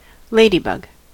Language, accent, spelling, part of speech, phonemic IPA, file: English, US, ladybug, noun, /ˈleɪ.di.bʌɡ/, En-us-ladybug.ogg
- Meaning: Synonym of ladybird